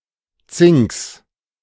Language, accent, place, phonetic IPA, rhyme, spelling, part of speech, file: German, Germany, Berlin, [t͡sɪŋks], -ɪŋks, Zinks, noun, De-Zinks.ogg
- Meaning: genitive singular of Zink